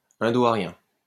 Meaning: Indo-Aryan
- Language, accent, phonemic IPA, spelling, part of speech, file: French, France, /ɛ̃.do.a.ʁjɛ̃/, indo-aryen, adjective, LL-Q150 (fra)-indo-aryen.wav